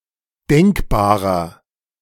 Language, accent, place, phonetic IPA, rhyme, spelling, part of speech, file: German, Germany, Berlin, [ˈdɛŋkbaːʁɐ], -ɛŋkbaːʁɐ, denkbarer, adjective, De-denkbarer.ogg
- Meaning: 1. comparative degree of denkbar 2. inflection of denkbar: strong/mixed nominative masculine singular 3. inflection of denkbar: strong genitive/dative feminine singular